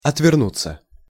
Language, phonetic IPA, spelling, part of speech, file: Russian, [ɐtvʲɪrˈnut͡sːə], отвернуться, verb, Ru-отвернуться.ogg
- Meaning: 1. to turn away, to turn one's back (on) 2. to come unscrewed 3. passive of отверну́ть (otvernútʹ)